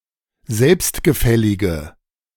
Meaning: inflection of selbstgefällig: 1. strong/mixed nominative/accusative feminine singular 2. strong nominative/accusative plural 3. weak nominative all-gender singular
- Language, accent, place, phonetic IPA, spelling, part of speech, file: German, Germany, Berlin, [ˈzɛlpstɡəˌfɛlɪɡə], selbstgefällige, adjective, De-selbstgefällige.ogg